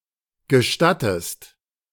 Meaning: inflection of gestatten: 1. second-person singular present 2. second-person singular subjunctive I
- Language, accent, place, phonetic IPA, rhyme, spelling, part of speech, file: German, Germany, Berlin, [ɡəˈʃtatəst], -atəst, gestattest, verb, De-gestattest.ogg